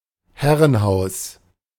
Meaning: manor house
- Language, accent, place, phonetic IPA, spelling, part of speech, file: German, Germany, Berlin, [ˈhɛʁənˌhaʊ̯s], Herrenhaus, noun, De-Herrenhaus.ogg